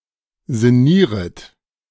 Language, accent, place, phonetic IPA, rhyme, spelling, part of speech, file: German, Germany, Berlin, [zɪˈniːʁət], -iːʁət, sinnieret, verb, De-sinnieret.ogg
- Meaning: second-person plural subjunctive I of sinnieren